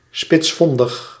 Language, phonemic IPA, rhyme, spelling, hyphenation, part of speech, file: Dutch, /ˌspɪtsˈfɔn.dəx/, -ɔndəx, spitsvondig, spits‧von‧dig, adjective, Nl-spitsvondig.ogg
- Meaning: shrewd, clever, streetwise